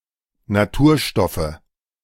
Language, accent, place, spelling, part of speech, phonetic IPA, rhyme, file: German, Germany, Berlin, Naturstoffe, noun, [naˈtuːɐ̯ˌʃtɔfə], -uːɐ̯ʃtɔfə, De-Naturstoffe.ogg
- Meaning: nominative/accusative/genitive plural of Naturstoff